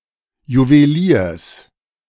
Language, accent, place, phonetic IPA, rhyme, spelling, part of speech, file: German, Germany, Berlin, [juveˈliːɐ̯s], -iːɐ̯s, Juweliers, noun, De-Juweliers.ogg
- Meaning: genitive singular of Juwelier